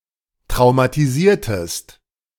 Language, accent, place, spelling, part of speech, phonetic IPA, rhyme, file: German, Germany, Berlin, traumatisiertest, verb, [tʁaʊ̯matiˈziːɐ̯təst], -iːɐ̯təst, De-traumatisiertest.ogg
- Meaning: inflection of traumatisieren: 1. second-person singular preterite 2. second-person singular subjunctive II